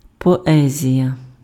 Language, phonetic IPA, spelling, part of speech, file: Ukrainian, [pɔˈɛzʲijɐ], поезія, noun, Uk-поезія.ogg
- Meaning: 1. poetry 2. poem, verse